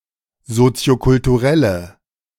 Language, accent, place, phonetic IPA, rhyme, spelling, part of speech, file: German, Germany, Berlin, [ˌzot͡si̯okʊltuˈʁɛlə], -ɛlə, soziokulturelle, adjective, De-soziokulturelle.ogg
- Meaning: inflection of soziokulturell: 1. strong/mixed nominative/accusative feminine singular 2. strong nominative/accusative plural 3. weak nominative all-gender singular